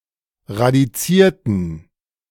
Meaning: inflection of radiziert: 1. strong genitive masculine/neuter singular 2. weak/mixed genitive/dative all-gender singular 3. strong/weak/mixed accusative masculine singular 4. strong dative plural
- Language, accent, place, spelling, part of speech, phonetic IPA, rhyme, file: German, Germany, Berlin, radizierten, adjective / verb, [ʁadiˈt͡siːɐ̯tn̩], -iːɐ̯tn̩, De-radizierten.ogg